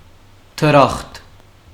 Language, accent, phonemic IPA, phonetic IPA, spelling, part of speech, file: Armenian, Western Armenian, /təˈɾɑχd/, [tʰəɾɑ́χt], դրախտ, noun, HyW-դրախտ.ogg
- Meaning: paradise, heaven